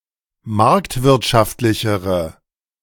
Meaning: inflection of marktwirtschaftlich: 1. strong/mixed nominative/accusative feminine singular comparative degree 2. strong nominative/accusative plural comparative degree
- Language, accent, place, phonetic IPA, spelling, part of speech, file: German, Germany, Berlin, [ˈmaʁktvɪʁtʃaftlɪçəʁə], marktwirtschaftlichere, adjective, De-marktwirtschaftlichere.ogg